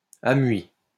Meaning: past participle of amuïr
- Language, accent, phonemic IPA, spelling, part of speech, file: French, France, /a.mɥi/, amuï, verb, LL-Q150 (fra)-amuï.wav